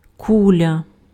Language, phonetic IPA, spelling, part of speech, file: Ukrainian, [ˈkulʲɐ], куля, noun, Uk-куля.ogg
- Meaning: 1. ball, sphere 2. bullet (projectile)